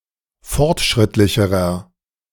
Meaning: inflection of fortschrittlich: 1. strong/mixed nominative masculine singular comparative degree 2. strong genitive/dative feminine singular comparative degree
- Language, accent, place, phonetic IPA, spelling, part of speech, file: German, Germany, Berlin, [ˈfɔʁtˌʃʁɪtlɪçəʁɐ], fortschrittlicherer, adjective, De-fortschrittlicherer.ogg